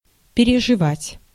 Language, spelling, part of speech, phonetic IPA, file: Russian, переживать, verb, [pʲɪrʲɪʐɨˈvatʲ], Ru-переживать.ogg
- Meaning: 1. to experience, to go through 2. to endure, to suffer, to ache 3. to be upset, to worry 4. to survive, to outlive, to outlast, to self-survive